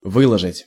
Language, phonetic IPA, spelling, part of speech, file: Russian, [ˈvɨɫəʐɨtʲ], выложить, verb, Ru-выложить.ogg
- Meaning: 1. to lay out, to spread out, to lay, to line, to pave 2. to publish or post a message to a social site 3. to take out 4. to fork out, to cough up, to unbosom oneself (of) (money, truth, etc.)